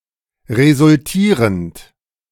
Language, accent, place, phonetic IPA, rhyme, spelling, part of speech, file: German, Germany, Berlin, [ʁezʊlˈtiːʁənt], -iːʁənt, resultierend, verb, De-resultierend.ogg
- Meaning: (verb) present participle of resultieren; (adjective) resulting